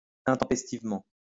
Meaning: untimely; at an awkward moment
- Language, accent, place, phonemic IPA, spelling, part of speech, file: French, France, Lyon, /ɛ̃.tɑ̃.pɛs.tiv.mɑ̃/, intempestivement, adverb, LL-Q150 (fra)-intempestivement.wav